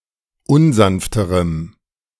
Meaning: strong dative masculine/neuter singular comparative degree of unsanft
- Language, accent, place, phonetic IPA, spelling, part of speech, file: German, Germany, Berlin, [ˈʊnˌzanftəʁəm], unsanfterem, adjective, De-unsanfterem.ogg